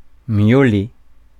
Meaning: to meow, meowl, mew
- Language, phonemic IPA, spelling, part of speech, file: French, /mjo.le/, miauler, verb, Fr-miauler.ogg